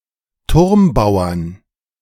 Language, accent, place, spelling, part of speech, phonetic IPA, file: German, Germany, Berlin, Turmbauern, noun, [ˈtʊʁmˌbaʊ̯ɐn], De-Turmbauern.ogg
- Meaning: 1. genitive/dative/accusative singular of Turmbauer 2. plural of Turmbauer